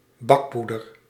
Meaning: baking powder
- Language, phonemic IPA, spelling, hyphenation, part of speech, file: Dutch, /ˈbɑkˌpu.dər/, bakpoeder, bak‧poe‧der, noun, Nl-bakpoeder.ogg